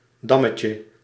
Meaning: diminutive of dam
- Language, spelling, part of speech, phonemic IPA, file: Dutch, dammetje, noun, /ˈdɑməcə/, Nl-dammetje.ogg